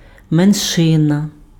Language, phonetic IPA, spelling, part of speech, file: Ukrainian, [menˈʃɪnɐ], меншина, noun, Uk-меншина.ogg
- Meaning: minority (group of people who have a different ethnicity, religion, language or culture from that of the majority of people in the place where they live)